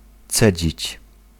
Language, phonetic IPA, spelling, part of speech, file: Polish, [ˈt͡sɛd͡ʑit͡ɕ], cedzić, verb, Pl-cedzić.ogg